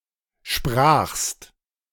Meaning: second-person singular preterite of sprechen
- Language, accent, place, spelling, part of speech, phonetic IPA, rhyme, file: German, Germany, Berlin, sprachst, verb, [ʃpʁaːxst], -aːxst, De-sprachst.ogg